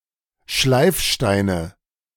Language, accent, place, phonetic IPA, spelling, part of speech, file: German, Germany, Berlin, [ˈʃlaɪ̯fˌʃtaɪ̯nə], Schleifsteine, noun, De-Schleifsteine.ogg
- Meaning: nominative/accusative/genitive plural of Schleifstein